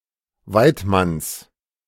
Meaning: genitive singular of Weidmann
- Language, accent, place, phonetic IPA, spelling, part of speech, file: German, Germany, Berlin, [ˈvaɪ̯tˌmans], Weidmanns, noun, De-Weidmanns.ogg